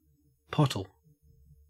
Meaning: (noun) A former unit of volume, equivalent to half a gallon, used for liquids and corn; a pot or drinking vessel of around this size
- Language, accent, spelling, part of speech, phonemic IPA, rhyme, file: English, Australia, pottle, noun / verb, /ˈpɒtəl/, -ɒtəl, En-au-pottle.ogg